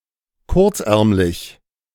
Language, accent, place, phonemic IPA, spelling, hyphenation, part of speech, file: German, Germany, Berlin, /ˈkʊʁt͡sˌʔɛʁmlɪç/, kurzärmlig, kurz‧ärm‧lig, adjective, De-kurzärmlig.ogg
- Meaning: alternative form of kurzärmelig